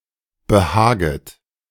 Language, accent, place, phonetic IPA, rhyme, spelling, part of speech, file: German, Germany, Berlin, [bəˈhaːɡət], -aːɡət, behaget, verb, De-behaget.ogg
- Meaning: second-person plural subjunctive I of behagen